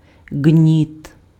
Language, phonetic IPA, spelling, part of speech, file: Ukrainian, [ɡnʲit], ґніт, noun, Uk-ґніт.ogg
- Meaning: 1. wick 2. fuse (a cord that, when lit, conveys the fire to some explosive device, such as a bomb)